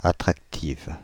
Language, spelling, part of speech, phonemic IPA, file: French, attractive, adjective, /a.tʁak.tiv/, Fr-attractive.ogg
- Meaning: feminine singular of attractif